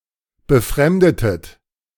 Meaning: inflection of befremden: 1. second-person plural preterite 2. second-person plural subjunctive II
- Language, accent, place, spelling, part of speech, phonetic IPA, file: German, Germany, Berlin, befremdetet, verb, [bəˈfʁɛmdətət], De-befremdetet.ogg